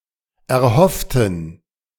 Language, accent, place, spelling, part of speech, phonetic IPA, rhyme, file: German, Germany, Berlin, erhofften, adjective / verb, [ɛɐ̯ˈhɔftn̩], -ɔftn̩, De-erhofften.ogg
- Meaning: inflection of erhoffen: 1. first/third-person plural preterite 2. first/third-person plural subjunctive II